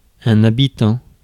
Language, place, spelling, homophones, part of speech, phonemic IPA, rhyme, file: French, Paris, habitant, habitants, verb / noun, /a.bi.tɑ̃/, -ɑ̃, Fr-habitant.ogg
- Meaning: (verb) present participle of habiter; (noun) 1. an inhabitant of some place 2. someone who has a poor understanding of social conventions, making them look backward